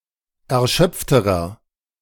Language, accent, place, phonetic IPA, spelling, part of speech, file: German, Germany, Berlin, [ɛɐ̯ˈʃœp͡ftəʁɐ], erschöpfterer, adjective, De-erschöpfterer.ogg
- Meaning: inflection of erschöpft: 1. strong/mixed nominative masculine singular comparative degree 2. strong genitive/dative feminine singular comparative degree 3. strong genitive plural comparative degree